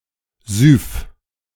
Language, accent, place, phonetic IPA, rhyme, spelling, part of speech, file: German, Germany, Berlin, [zʏf], -ʏf, Syph, noun, De-Syph.ogg
- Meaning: clipping of Syphilis